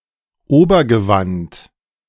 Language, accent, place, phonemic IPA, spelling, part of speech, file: German, Germany, Berlin, /ˈoːbɐɡəˌvant/, Obergewand, noun, De-Obergewand.ogg
- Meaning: overgarment